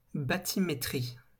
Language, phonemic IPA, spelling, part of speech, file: French, /ba.ti.me.tʁi/, bathymétrie, noun, LL-Q150 (fra)-bathymétrie.wav
- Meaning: bathymetry